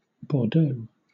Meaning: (proper noun) 1. The capital city of Gironde department, France; the capital city of the region of Nouvelle-Aquitaine 2. A surname from French; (noun) A wine coming from that area
- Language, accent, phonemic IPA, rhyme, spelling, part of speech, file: English, Southern England, /bɔːˈdəʊ/, -əʊ, Bordeaux, proper noun / noun, LL-Q1860 (eng)-Bordeaux.wav